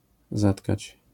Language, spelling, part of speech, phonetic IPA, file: Polish, zatkać, verb, [ˈzatkat͡ɕ], LL-Q809 (pol)-zatkać.wav